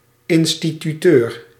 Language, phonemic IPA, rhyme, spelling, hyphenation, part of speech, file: Dutch, /ˌɪn.sti.tyˈtøːr/, -øːr, instituteur, in‧sti‧tu‧teur, noun, Nl-instituteur.ogg
- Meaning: boarding school teacher, esp. the schoolmaster or headteacher of a boarding school